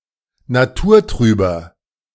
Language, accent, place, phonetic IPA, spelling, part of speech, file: German, Germany, Berlin, [naˈtuːɐ̯ˌtʁyːbɐ], naturtrüber, adjective, De-naturtrüber.ogg
- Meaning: inflection of naturtrüb: 1. strong/mixed nominative masculine singular 2. strong genitive/dative feminine singular 3. strong genitive plural